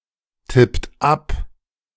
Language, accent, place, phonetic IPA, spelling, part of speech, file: German, Germany, Berlin, [ˌtɪpt ˈap], tippt ab, verb, De-tippt ab.ogg
- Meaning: inflection of abtippen: 1. second-person plural present 2. third-person singular present 3. plural imperative